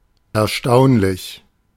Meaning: amazing, impressive, surprising (contrary to or surpassing expectations, in a positive or neutral framing)
- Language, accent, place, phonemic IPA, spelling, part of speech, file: German, Germany, Berlin, /ɛɐ̯ˈʃtaʊ̯nlɪç/, erstaunlich, adjective, De-erstaunlich.ogg